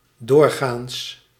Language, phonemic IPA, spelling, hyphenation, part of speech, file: Dutch, /ˈdoːr.ɣaːns/, doorgaans, door‧gaans, adverb, Nl-doorgaans.ogg
- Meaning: generally